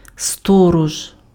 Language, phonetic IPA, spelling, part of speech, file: Ukrainian, [ˈstɔrɔʒ], сторож, noun, Uk-сторож.ogg
- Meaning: watchman, guard